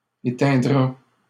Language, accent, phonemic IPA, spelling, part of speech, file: French, Canada, /e.tɛ̃.dʁa/, éteindra, verb, LL-Q150 (fra)-éteindra.wav
- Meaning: third-person singular future of éteindre